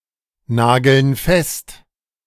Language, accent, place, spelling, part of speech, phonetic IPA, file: German, Germany, Berlin, nageln fest, verb, [ˌnaːɡl̩n ˈfɛst], De-nageln fest.ogg
- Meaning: inflection of festnageln: 1. first/third-person plural present 2. first/third-person plural subjunctive I